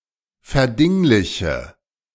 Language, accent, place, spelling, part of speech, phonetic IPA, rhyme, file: German, Germany, Berlin, verdingliche, verb, [fɛɐ̯ˈdɪŋlɪçə], -ɪŋlɪçə, De-verdingliche.ogg
- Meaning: inflection of verdinglichen: 1. first-person singular present 2. singular imperative 3. first/third-person singular subjunctive I